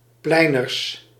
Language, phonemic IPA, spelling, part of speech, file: Dutch, /ˈplɛinərs/, pleiners, noun, Nl-pleiners.ogg
- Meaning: plural of pleiner